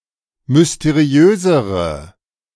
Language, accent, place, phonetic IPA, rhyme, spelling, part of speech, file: German, Germany, Berlin, [mʏsteˈʁi̯øːzəʁə], -øːzəʁə, mysteriösere, adjective, De-mysteriösere.ogg
- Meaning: inflection of mysteriös: 1. strong/mixed nominative/accusative feminine singular comparative degree 2. strong nominative/accusative plural comparative degree